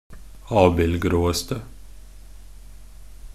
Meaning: attributive superlative degree of abildgrå
- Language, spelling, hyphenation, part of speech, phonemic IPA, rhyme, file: Norwegian Bokmål, abildgråeste, ab‧ild‧grå‧es‧te, adjective, /ˈɑːbɪlɡroːəstə/, -əstə, Nb-abildgråeste.ogg